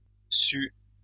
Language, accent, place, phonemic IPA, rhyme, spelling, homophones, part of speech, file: French, France, Lyon, /sy/, -y, sue, su / suent / sues / sus / sut / sût, verb, LL-Q150 (fra)-sue.wav
- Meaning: 1. inflection of suer: first/third-person singular present indicative/subjunctive 2. inflection of suer: second-person singular imperative 3. feminine singular past participle of savoir